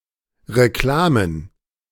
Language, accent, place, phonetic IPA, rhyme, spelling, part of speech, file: German, Germany, Berlin, [ʁeˈklaːmən], -aːmən, Reklamen, noun, De-Reklamen.ogg
- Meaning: plural of Reklame